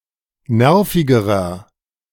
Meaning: inflection of nervig: 1. strong/mixed nominative masculine singular comparative degree 2. strong genitive/dative feminine singular comparative degree 3. strong genitive plural comparative degree
- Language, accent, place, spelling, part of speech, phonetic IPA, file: German, Germany, Berlin, nervigerer, adjective, [ˈnɛʁfɪɡəʁɐ], De-nervigerer.ogg